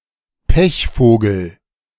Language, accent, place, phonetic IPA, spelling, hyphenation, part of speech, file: German, Germany, Berlin, [ˈpɛçˌfoːɡl̩], Pechvogel, Pech‧vo‧gel, noun, De-Pechvogel.ogg
- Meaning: unlucky person